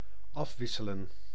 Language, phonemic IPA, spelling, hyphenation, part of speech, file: Dutch, /ˈɑfʋɪsələ(n)/, afwisselen, af‧wis‧se‧len, verb, Nl-afwisselen.ogg
- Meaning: 1. to alternate 2. to vary